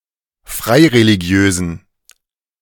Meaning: inflection of freireligiös: 1. strong genitive masculine/neuter singular 2. weak/mixed genitive/dative all-gender singular 3. strong/weak/mixed accusative masculine singular 4. strong dative plural
- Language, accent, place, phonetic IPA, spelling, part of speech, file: German, Germany, Berlin, [ˈfʁaɪ̯ʁeliˌɡi̯øːzn̩], freireligiösen, adjective, De-freireligiösen.ogg